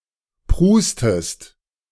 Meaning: inflection of prusten: 1. second-person singular present 2. second-person singular subjunctive I
- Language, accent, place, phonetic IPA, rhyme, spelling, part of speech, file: German, Germany, Berlin, [ˈpʁuːstəst], -uːstəst, prustest, verb, De-prustest.ogg